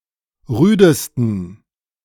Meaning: 1. superlative degree of rüde 2. inflection of rüde: strong genitive masculine/neuter singular superlative degree
- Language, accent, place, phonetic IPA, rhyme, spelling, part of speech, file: German, Germany, Berlin, [ˈʁyːdəstn̩], -yːdəstn̩, rüdesten, adjective, De-rüdesten.ogg